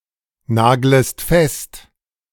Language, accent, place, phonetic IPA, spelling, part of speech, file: German, Germany, Berlin, [ˌnaːɡləst ˈfɛst], naglest fest, verb, De-naglest fest.ogg
- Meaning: second-person singular subjunctive I of festnageln